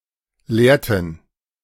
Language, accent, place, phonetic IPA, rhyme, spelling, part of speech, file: German, Germany, Berlin, [ˈleːɐ̯tn̩], -eːɐ̯tn̩, lehrten, verb, De-lehrten.ogg
- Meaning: inflection of lehren: 1. first/third-person plural preterite 2. first/third-person plural subjunctive II